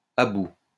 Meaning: at the end of one's tether
- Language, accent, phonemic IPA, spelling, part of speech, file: French, France, /a bu/, à bout, adjective, LL-Q150 (fra)-à bout.wav